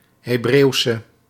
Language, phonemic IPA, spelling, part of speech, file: Dutch, /heˈbrewsə/, Hebreeuwse, adjective, Nl-Hebreeuwse.ogg
- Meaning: inflection of Hebreeuws: 1. masculine/feminine singular attributive 2. definite neuter singular attributive 3. plural attributive